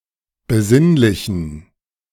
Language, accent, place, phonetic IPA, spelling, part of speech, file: German, Germany, Berlin, [bəˈzɪnlɪçn̩], besinnlichen, adjective, De-besinnlichen.ogg
- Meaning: inflection of besinnlich: 1. strong genitive masculine/neuter singular 2. weak/mixed genitive/dative all-gender singular 3. strong/weak/mixed accusative masculine singular 4. strong dative plural